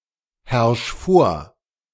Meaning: 1. singular imperative of vorherrschen 2. first-person singular present of vorherrschen
- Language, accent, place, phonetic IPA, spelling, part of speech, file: German, Germany, Berlin, [ˌhɛʁʃ ˈfoːɐ̯], herrsch vor, verb, De-herrsch vor.ogg